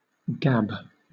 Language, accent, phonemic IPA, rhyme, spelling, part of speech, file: English, Southern England, /ɡæb/, -æb, gab, noun / verb, LL-Q1860 (eng)-gab.wav
- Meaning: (noun) 1. Idle chatter 2. The mouth or gob 3. One of the open-forked ends of rods controlling reversing in early steam engines; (verb) To jest; to tell lies in jest; exaggerate; lie